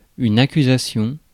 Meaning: accusation
- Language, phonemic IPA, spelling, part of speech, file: French, /a.ky.za.sjɔ̃/, accusation, noun, Fr-accusation.ogg